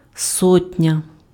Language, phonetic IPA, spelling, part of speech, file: Ukrainian, [ˈsɔtʲnʲɐ], сотня, noun, Uk-сотня.ogg
- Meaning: 1. hundred 2. sotnia, company (Cossack military unit)